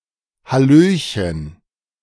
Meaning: hello there
- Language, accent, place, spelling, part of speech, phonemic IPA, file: German, Germany, Berlin, hallöchen, interjection, /haˈløːçən/, De-hallöchen.ogg